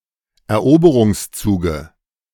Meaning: dative singular of Eroberungszug
- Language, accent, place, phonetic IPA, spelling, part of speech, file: German, Germany, Berlin, [ɛɐ̯ˈʔoːbəʁʊŋsˌt͡suːɡə], Eroberungszuge, noun, De-Eroberungszuge.ogg